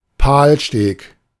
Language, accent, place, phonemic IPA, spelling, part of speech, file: German, Germany, Berlin, /ˈpaːlˌʃteːk/, Palstek, noun, De-Palstek.ogg
- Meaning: bowline (kind of knot)